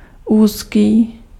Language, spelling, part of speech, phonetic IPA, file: Czech, úzký, adjective, [ˈuːskiː], Cs-úzký.ogg
- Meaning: narrow